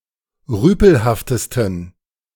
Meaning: 1. superlative degree of rüpelhaft 2. inflection of rüpelhaft: strong genitive masculine/neuter singular superlative degree
- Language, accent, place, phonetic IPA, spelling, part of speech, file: German, Germany, Berlin, [ˈʁyːpl̩haftəstn̩], rüpelhaftesten, adjective, De-rüpelhaftesten.ogg